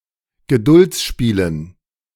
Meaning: dative plural of Geduldsspiel
- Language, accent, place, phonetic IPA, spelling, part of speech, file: German, Germany, Berlin, [ɡəˈdʊlt͡sˌʃpiːlən], Geduldsspielen, noun, De-Geduldsspielen.ogg